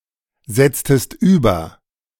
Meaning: inflection of übersetzen: 1. second-person singular preterite 2. second-person singular subjunctive II
- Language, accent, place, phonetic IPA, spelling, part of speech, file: German, Germany, Berlin, [ˌzɛt͡stəst ˈyːbɐ], setztest über, verb, De-setztest über.ogg